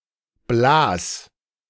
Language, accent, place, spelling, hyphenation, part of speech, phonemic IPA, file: German, Germany, Berlin, Blas, Blas, noun, /blaːs/, De-Blas.ogg
- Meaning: blow (air exhaled by whales after diving)